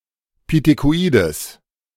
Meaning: strong/mixed nominative/accusative neuter singular of pithekoid
- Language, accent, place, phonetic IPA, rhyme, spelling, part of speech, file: German, Germany, Berlin, [pitekoˈʔiːdəs], -iːdəs, pithekoides, adjective, De-pithekoides.ogg